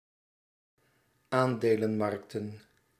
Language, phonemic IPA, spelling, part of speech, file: Dutch, /ˈandelə(n)ˌmɑrᵊktə(n)/, aandelenmarkten, noun, Nl-aandelenmarkten.ogg
- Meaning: plural of aandelenmarkt